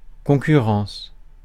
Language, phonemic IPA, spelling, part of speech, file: French, /kɔ̃.ky.ʁɑ̃s/, concurrence, noun / verb, Fr-concurrence.ogg
- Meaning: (noun) 1. competition (action of competing) 2. concurrence (instance of simultaneous occurrence) 3. the competition (the ensemble of competing business rivals)